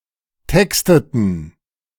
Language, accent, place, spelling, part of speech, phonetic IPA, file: German, Germany, Berlin, texteten, verb, [ˈtɛkstətn̩], De-texteten.ogg
- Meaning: inflection of texten: 1. first/third-person plural preterite 2. first/third-person plural subjunctive II